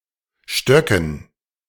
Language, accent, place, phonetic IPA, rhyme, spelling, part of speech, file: German, Germany, Berlin, [ˈʃtœkn̩], -œkn̩, Stöcken, proper noun / noun, De-Stöcken.ogg
- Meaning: dative plural of Stock